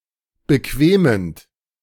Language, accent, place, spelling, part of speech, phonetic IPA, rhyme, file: German, Germany, Berlin, bequemend, verb, [bəˈkveːmənt], -eːmənt, De-bequemend.ogg
- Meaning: present participle of bequemen